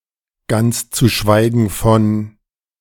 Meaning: not to mention, to say nothing of
- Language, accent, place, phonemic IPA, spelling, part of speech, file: German, Germany, Berlin, /ˌɡant͡s t͡su ˈʃvaɪɡən fɔn/, ganz zu schweigen von, conjunction, De-ganz zu schweigen von.ogg